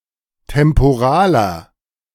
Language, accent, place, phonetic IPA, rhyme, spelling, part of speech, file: German, Germany, Berlin, [tɛmpoˈʁaːlɐ], -aːlɐ, temporaler, adjective, De-temporaler.ogg
- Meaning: inflection of temporal: 1. strong/mixed nominative masculine singular 2. strong genitive/dative feminine singular 3. strong genitive plural